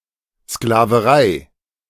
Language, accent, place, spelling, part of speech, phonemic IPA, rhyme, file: German, Germany, Berlin, Sklaverei, noun, /sklavəˈʁaɪ̯/, -aɪ̯, De-Sklaverei.ogg
- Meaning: slavery